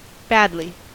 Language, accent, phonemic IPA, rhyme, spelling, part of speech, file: English, US, /ˈbæd.li/, -ædli, badly, adverb / adjective, En-us-badly.ogg
- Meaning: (adverb) 1. In a bad manner 2. Very much; to a great degree; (adjective) Ill, unwell